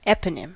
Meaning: 1. A person who gave or supposedly gave their name to a people, place, institution, etc 2. Something that is named after a person 3. A name taken from a person, a namesake toponym, term, etc
- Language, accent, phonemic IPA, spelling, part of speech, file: English, US, /ˈɛpənɪm/, eponym, noun, En-us-eponym.ogg